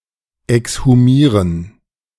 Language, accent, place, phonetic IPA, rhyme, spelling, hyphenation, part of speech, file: German, Germany, Berlin, [ɛkshuˈmiːʁən], -iːʁən, exhumieren, ex‧hu‧mie‧ren, verb, De-exhumieren.ogg
- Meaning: to exhume